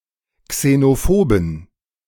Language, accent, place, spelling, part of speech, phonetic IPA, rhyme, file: German, Germany, Berlin, xenophoben, adjective, [ksenoˈfoːbn̩], -oːbn̩, De-xenophoben.ogg
- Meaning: inflection of xenophob: 1. strong genitive masculine/neuter singular 2. weak/mixed genitive/dative all-gender singular 3. strong/weak/mixed accusative masculine singular 4. strong dative plural